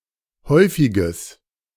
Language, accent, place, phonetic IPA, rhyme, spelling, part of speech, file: German, Germany, Berlin, [ˈhɔɪ̯fɪɡəs], -ɔɪ̯fɪɡəs, häufiges, adjective, De-häufiges.ogg
- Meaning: strong/mixed nominative/accusative neuter singular of häufig